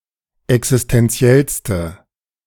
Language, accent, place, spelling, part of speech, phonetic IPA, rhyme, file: German, Germany, Berlin, existentiellste, adjective, [ɛksɪstɛnˈt͡si̯ɛlstə], -ɛlstə, De-existentiellste.ogg
- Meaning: inflection of existentiell: 1. strong/mixed nominative/accusative feminine singular superlative degree 2. strong nominative/accusative plural superlative degree